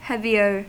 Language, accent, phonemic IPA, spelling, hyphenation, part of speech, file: English, US, /ˈhɛviɚ/, heavier, heav‧i‧er, adjective, En-us-heavier.ogg
- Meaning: comparative form of heavy: more heavy